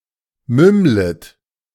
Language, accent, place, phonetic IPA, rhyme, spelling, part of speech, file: German, Germany, Berlin, [ˈmʏmlət], -ʏmlət, mümmlet, verb, De-mümmlet.ogg
- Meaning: second-person plural subjunctive I of mümmeln